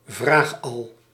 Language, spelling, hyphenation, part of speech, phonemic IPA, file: Dutch, vraagal, vraag‧al, noun, /ˈvraːx.ɑl/, Nl-vraagal.ogg
- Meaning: a nosy person who persists in asking questions